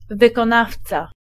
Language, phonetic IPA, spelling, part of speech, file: Polish, [ˌvɨkɔ̃ˈnaft͡sa], wykonawca, noun, Pl-wykonawca.ogg